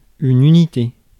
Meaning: 1. unity 2. unit 3. ones (in arithmetic)
- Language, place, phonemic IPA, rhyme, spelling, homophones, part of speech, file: French, Paris, /y.ni.te/, -e, unité, unités, noun, Fr-unité.ogg